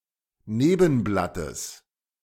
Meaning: genitive singular of Nebenblatt
- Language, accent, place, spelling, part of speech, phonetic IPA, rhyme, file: German, Germany, Berlin, Nebenblattes, noun, [ˈneːbn̩blatəs], -eːbn̩blatəs, De-Nebenblattes.ogg